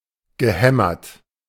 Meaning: past participle of hämmern
- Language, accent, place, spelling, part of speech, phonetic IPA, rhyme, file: German, Germany, Berlin, gehämmert, verb, [ɡəˈhɛmɐt], -ɛmɐt, De-gehämmert.ogg